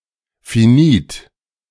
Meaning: finite
- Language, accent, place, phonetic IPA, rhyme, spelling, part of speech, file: German, Germany, Berlin, [fiˈniːt], -iːt, finit, adjective, De-finit.ogg